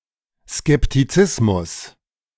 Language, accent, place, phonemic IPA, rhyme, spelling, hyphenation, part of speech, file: German, Germany, Berlin, /skɛptiˈt͡sɪsmʊs/, -ɪsmʊs, Skeptizismus, Skep‧ti‧zis‧mus, noun, De-Skeptizismus.ogg
- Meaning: skepticism